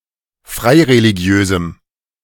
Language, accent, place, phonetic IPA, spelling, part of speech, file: German, Germany, Berlin, [ˈfʁaɪ̯ʁeliˌɡi̯øːzm̩], freireligiösem, adjective, De-freireligiösem.ogg
- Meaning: strong dative masculine/neuter singular of freireligiös